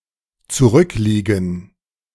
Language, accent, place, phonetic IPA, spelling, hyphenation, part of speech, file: German, Germany, Berlin, [t͡suˈʁʏkˌliːɡn̩], zurückliegen, zu‧rück‧lie‧gen, verb, De-zurückliegen.ogg
- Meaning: 1. to trail, to lag behind 2. to have taken place (in the past)